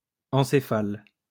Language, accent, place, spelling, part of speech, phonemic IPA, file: French, France, Lyon, encéphale, noun, /ɑ̃.se.fal/, LL-Q150 (fra)-encéphale.wav
- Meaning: encephalon, brain